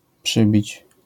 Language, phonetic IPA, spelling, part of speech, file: Polish, [ˈpʃɨbʲit͡ɕ], przybić, verb, LL-Q809 (pol)-przybić.wav